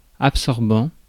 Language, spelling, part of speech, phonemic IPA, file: French, absorbant, adjective / noun / verb, /ap.sɔʁ.bɑ̃/, Fr-absorbant.ogg
- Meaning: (adjective) absorbant; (noun) absorber, absorbant; something that absorbs; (verb) present participle of absorber